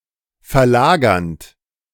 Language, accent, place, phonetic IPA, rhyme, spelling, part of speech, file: German, Germany, Berlin, [fɛɐ̯ˈlaːɡɐnt], -aːɡɐnt, verlagernd, verb, De-verlagernd.ogg
- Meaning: present participle of verlagern